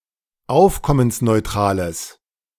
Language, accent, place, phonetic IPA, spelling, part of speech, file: German, Germany, Berlin, [ˈaʊ̯fkɔmənsnɔɪ̯ˌtʁaːləs], aufkommensneutrales, adjective, De-aufkommensneutrales.ogg
- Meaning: strong/mixed nominative/accusative neuter singular of aufkommensneutral